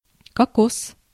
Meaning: 1. coconut (tree; nut) 2. cocaine
- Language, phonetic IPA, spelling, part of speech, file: Russian, [kɐˈkos], кокос, noun, Ru-кокос.ogg